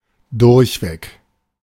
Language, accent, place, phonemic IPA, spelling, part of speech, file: German, Germany, Berlin, /ˈdʊɐ̯çˌveːk/, durchweg, adverb, De-durchweg.ogg
- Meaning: consistently, without exception